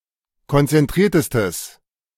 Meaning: strong/mixed nominative/accusative neuter singular superlative degree of konzentriert
- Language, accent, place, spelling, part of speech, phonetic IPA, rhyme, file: German, Germany, Berlin, konzentriertestes, adjective, [kɔnt͡sɛnˈtʁiːɐ̯təstəs], -iːɐ̯təstəs, De-konzentriertestes.ogg